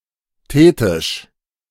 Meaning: 1. thetic 2. thetical
- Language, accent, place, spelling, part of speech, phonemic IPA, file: German, Germany, Berlin, thetisch, adjective, /ˈteːtɪʃ/, De-thetisch.ogg